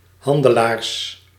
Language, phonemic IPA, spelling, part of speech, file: Dutch, /ˈhɑndəˌlars/, handelaars, noun, Nl-handelaars.ogg
- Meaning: plural of handelaar